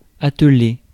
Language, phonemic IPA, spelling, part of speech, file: French, /a.t(ə).le/, atteler, verb, Fr-atteler.ogg
- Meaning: 1. to harness, yoke, hitch (e.g. a horse to a wagon) 2. to get down to, apply oneself to